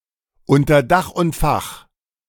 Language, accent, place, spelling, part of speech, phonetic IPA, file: German, Germany, Berlin, unter Dach und Fach, phrase, [ˌʊntɐ ˈdax ʊnt ˈfax], De-unter Dach und Fach.ogg
- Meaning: signed and sealed